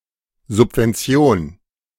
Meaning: subsidy
- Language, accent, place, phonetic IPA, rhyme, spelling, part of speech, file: German, Germany, Berlin, [zʊpvɛnˈt͡si̯oːn], -oːn, Subvention, noun, De-Subvention.ogg